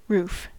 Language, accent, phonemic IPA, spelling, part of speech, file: English, US, /ɹuːf/, roof, noun / verb, En-us-roof.ogg
- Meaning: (noun) 1. The external covering at the top of a building 2. The top external level of a building 3. The upper part of a cavity